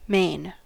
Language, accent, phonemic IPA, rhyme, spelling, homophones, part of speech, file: English, US, /meɪn/, -eɪn, mane, main / Maine, noun, En-us-mane.ogg
- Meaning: 1. Longer hair growth on back of neck of an animal, especially a horse or lion 2. Long or thick hair of a person's head 3. Part of a naval sword between the tang button and the quillon